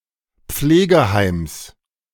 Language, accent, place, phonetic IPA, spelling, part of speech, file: German, Germany, Berlin, [ˈp͡fleːɡəˌhaɪ̯ms], Pflegeheims, noun, De-Pflegeheims.ogg
- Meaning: genitive singular of Pflegeheim